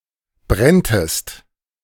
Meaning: second-person singular subjunctive II of brennen
- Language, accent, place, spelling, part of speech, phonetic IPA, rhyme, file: German, Germany, Berlin, brenntest, verb, [ˈbʁɛntəst], -ɛntəst, De-brenntest.ogg